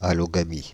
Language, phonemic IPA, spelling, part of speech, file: French, /a.lɔ.ɡa.mi/, allogamie, noun, Fr-allogamie.ogg
- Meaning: allogamy